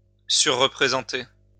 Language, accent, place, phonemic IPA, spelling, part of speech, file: French, France, Lyon, /sy.ʁə.pʁe.zɑ̃.te/, surreprésenter, verb, LL-Q150 (fra)-surreprésenter.wav
- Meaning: to overrepresent